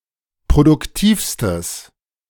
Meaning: strong/mixed nominative/accusative neuter singular superlative degree of produktiv
- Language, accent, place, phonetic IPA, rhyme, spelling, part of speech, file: German, Germany, Berlin, [pʁodʊkˈtiːfstəs], -iːfstəs, produktivstes, adjective, De-produktivstes.ogg